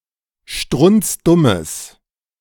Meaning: strong/mixed nominative/accusative neuter singular of strunzdumm
- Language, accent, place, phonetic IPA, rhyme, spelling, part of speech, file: German, Germany, Berlin, [ˈʃtʁʊnt͡sˈdʊməs], -ʊməs, strunzdummes, adjective, De-strunzdummes.ogg